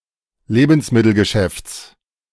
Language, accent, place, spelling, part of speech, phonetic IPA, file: German, Germany, Berlin, Lebensmittelgeschäfts, noun, [ˈleːbn̩smɪtl̩ɡəˌʃɛft͡s], De-Lebensmittelgeschäfts.ogg
- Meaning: genitive singular of Lebensmittelgeschäft